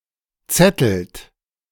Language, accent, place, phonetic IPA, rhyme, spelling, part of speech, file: German, Germany, Berlin, [ˈt͡sɛtl̩t], -ɛtl̩t, zettelt, verb, De-zettelt.ogg
- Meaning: inflection of zetteln: 1. second-person plural present 2. third-person singular present 3. plural imperative